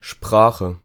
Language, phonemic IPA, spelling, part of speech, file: German, /ˈʃpʁaːxə/, Sprache, noun, De-Sprache.ogg
- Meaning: 1. language (body of words, and set of methods of combining them) 2. speech (style of speaking) 3. speech (faculty of uttering articulate sounds or words; the ability to speak)